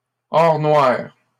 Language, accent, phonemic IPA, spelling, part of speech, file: French, Canada, /ɔʁ nwaʁ/, or noir, noun, LL-Q150 (fra)-or noir.wav
- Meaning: black gold, petroleum